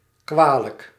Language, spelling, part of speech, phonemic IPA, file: Dutch, kwalijk, adjective, /ˈkʋaːlək/, Nl-kwalijk.ogg
- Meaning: 1. bad, undesirable 2. difficult